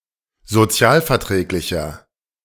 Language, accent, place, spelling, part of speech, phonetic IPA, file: German, Germany, Berlin, sozialverträglicher, adjective, [zoˈt͡si̯aːlfɛɐ̯ˌtʁɛːklɪçɐ], De-sozialverträglicher.ogg
- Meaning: 1. comparative degree of sozialverträglich 2. inflection of sozialverträglich: strong/mixed nominative masculine singular 3. inflection of sozialverträglich: strong genitive/dative feminine singular